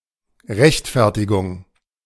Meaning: justification
- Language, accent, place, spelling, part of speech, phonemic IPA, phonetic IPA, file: German, Germany, Berlin, Rechtfertigung, noun, /ʁɛçtˈfɛʁtiɡʊŋ/, [ʁɛçtʰˈfɛɐ̯tʰiɡʊŋ], De-Rechtfertigung.ogg